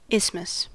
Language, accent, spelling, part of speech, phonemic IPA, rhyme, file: English, US, isthmus, noun, /ˈɪs.məs/, -ɪsməs, En-us-isthmus.ogg
- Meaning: 1. A narrow strip of land, bordered on both sides by water, and connecting two larger landmasses 2. Any such narrow part connecting two larger structures